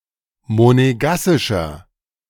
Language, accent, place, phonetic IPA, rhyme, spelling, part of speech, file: German, Germany, Berlin, [moneˈɡasɪʃɐ], -asɪʃɐ, monegassischer, adjective, De-monegassischer.ogg
- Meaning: inflection of monegassisch: 1. strong/mixed nominative masculine singular 2. strong genitive/dative feminine singular 3. strong genitive plural